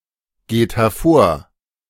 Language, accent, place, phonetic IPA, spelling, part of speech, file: German, Germany, Berlin, [ˌɡeːt hɛɐ̯ˈfoːɐ̯], geht hervor, verb, De-geht hervor.ogg
- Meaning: inflection of hervorgehen: 1. third-person singular present 2. second-person plural present 3. plural imperative